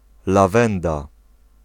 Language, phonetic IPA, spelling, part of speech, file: Polish, [laˈvɛ̃nda], lawenda, noun, Pl-lawenda.ogg